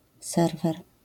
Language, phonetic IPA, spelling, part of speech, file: Polish, [ˈsɛrvɛr], serwer, noun, LL-Q809 (pol)-serwer.wav